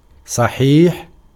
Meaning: 1. complete, perfect, whole 2. sound, healthy 3. correct 4. true 5. authentic 6. valid 7. regular 8. genuine
- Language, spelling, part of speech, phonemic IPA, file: Arabic, صحيح, adjective, /sˤa.ħiːħ/, Ar-صحيح.ogg